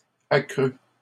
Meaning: third-person singular past historic of accroître
- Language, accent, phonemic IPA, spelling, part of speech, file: French, Canada, /a.kʁy/, accrut, verb, LL-Q150 (fra)-accrut.wav